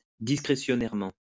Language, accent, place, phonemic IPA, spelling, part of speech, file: French, France, Lyon, /dis.kʁe.sjɔ.nɛʁ.mɑ̃/, discrétionnairement, adverb, LL-Q150 (fra)-discrétionnairement.wav
- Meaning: discretionarily